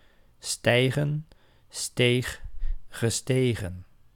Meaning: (verb) 1. to climb, to go up, to rise 2. to ascend; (noun) plural of stijg
- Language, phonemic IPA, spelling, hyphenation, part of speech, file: Dutch, /ˈstɛi̯ɣə(n)/, stijgen, stij‧gen, verb / noun, Nl-stijgen.ogg